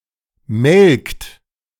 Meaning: inflection of melken: 1. second-person plural present 2. third-person singular present 3. plural imperative
- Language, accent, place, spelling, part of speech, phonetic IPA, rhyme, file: German, Germany, Berlin, melkt, verb, [mɛlkt], -ɛlkt, De-melkt.ogg